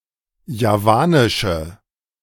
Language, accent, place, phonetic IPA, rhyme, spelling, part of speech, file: German, Germany, Berlin, [jaˈvaːnɪʃə], -aːnɪʃə, javanische, adjective, De-javanische.ogg
- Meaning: inflection of javanisch: 1. strong/mixed nominative/accusative feminine singular 2. strong nominative/accusative plural 3. weak nominative all-gender singular